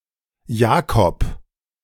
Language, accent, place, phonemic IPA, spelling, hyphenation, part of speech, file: German, Germany, Berlin, /ˈjaːkɔp/, Jakob, Ja‧kob, proper noun, De-Jakob.ogg
- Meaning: 1. Jacob (Old Testament personality) 2. alternative form of Jakobus (“James”, New Testament personality) 3. a male given name